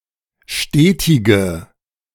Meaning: inflection of stetig: 1. strong/mixed nominative/accusative feminine singular 2. strong nominative/accusative plural 3. weak nominative all-gender singular 4. weak accusative feminine/neuter singular
- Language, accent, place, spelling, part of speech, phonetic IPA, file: German, Germany, Berlin, stetige, adjective, [ˈʃteːtɪɡə], De-stetige.ogg